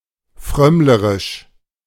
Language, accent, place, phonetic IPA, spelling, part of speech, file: German, Germany, Berlin, [ˈfʁœmləʁɪʃ], frömmlerisch, adjective, De-frömmlerisch.ogg
- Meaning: 1. sanctimonious 2. bigoted